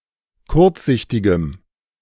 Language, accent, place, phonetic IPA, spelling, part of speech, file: German, Germany, Berlin, [ˈkʊʁt͡sˌzɪçtɪɡəm], kurzsichtigem, adjective, De-kurzsichtigem.ogg
- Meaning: strong dative masculine/neuter singular of kurzsichtig